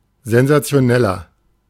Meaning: 1. comparative degree of sensationell 2. inflection of sensationell: strong/mixed nominative masculine singular 3. inflection of sensationell: strong genitive/dative feminine singular
- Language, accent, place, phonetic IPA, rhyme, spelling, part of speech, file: German, Germany, Berlin, [zɛnzat͡si̯oˈnɛlɐ], -ɛlɐ, sensationeller, adjective, De-sensationeller.ogg